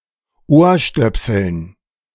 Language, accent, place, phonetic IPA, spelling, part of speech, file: German, Germany, Berlin, [ˈoːɐ̯ˌʃtœpsl̩n], Ohrstöpseln, noun, De-Ohrstöpseln.ogg
- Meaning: dative plural of Ohrstöpsel